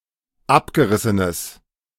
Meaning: strong/mixed nominative/accusative neuter singular of abgerissen
- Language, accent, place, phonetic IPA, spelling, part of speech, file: German, Germany, Berlin, [ˈapɡəˌʁɪsənəs], abgerissenes, adjective, De-abgerissenes.ogg